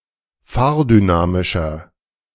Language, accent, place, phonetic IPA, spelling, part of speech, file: German, Germany, Berlin, [ˈfaːɐ̯dyˌnaːmɪʃɐ], fahrdynamischer, adjective, De-fahrdynamischer.ogg
- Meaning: inflection of fahrdynamisch: 1. strong/mixed nominative masculine singular 2. strong genitive/dative feminine singular 3. strong genitive plural